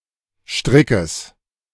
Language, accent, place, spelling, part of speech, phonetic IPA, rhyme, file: German, Germany, Berlin, Strickes, noun, [ˈʃtʁɪkəs], -ɪkəs, De-Strickes.ogg
- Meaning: genitive of Strick